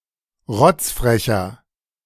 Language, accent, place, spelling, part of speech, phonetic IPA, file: German, Germany, Berlin, rotzfrecher, adjective, [ˈʁɔt͡sfʁɛçɐ], De-rotzfrecher.ogg
- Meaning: inflection of rotzfrech: 1. strong/mixed nominative masculine singular 2. strong genitive/dative feminine singular 3. strong genitive plural